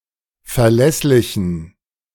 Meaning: inflection of verlässlich: 1. strong genitive masculine/neuter singular 2. weak/mixed genitive/dative all-gender singular 3. strong/weak/mixed accusative masculine singular 4. strong dative plural
- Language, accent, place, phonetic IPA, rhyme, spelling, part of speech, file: German, Germany, Berlin, [fɛɐ̯ˈlɛslɪçn̩], -ɛslɪçn̩, verlässlichen, adjective, De-verlässlichen.ogg